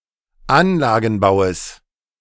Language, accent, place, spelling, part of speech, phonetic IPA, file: German, Germany, Berlin, Anlagenbaues, noun, [ˈanlaːɡn̩ˌbaʊ̯əs], De-Anlagenbaues.ogg
- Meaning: genitive singular of Anlagenbau